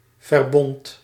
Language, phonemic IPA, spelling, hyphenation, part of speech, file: Dutch, /vɛrˈbɔnt/, verbond, ver‧bond, noun / verb, Nl-verbond.ogg
- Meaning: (noun) 1. alliance, federation (between countries) 2. union, association (people with a common cause); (verb) singular past indicative of verbinden